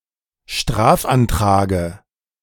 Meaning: dative of Strafantrag
- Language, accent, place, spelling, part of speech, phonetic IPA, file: German, Germany, Berlin, Strafantrage, noun, [ˈʃtʁaːfʔanˌtʁaːɡə], De-Strafantrage.ogg